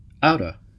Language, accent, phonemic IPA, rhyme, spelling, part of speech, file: English, US, /ˈaʊtə/, -aʊtə, outta, preposition, En-us-outta.ogg
- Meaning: Out of